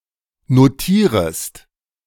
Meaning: second-person singular subjunctive I of notieren
- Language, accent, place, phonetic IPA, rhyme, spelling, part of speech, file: German, Germany, Berlin, [noˈtiːʁəst], -iːʁəst, notierest, verb, De-notierest.ogg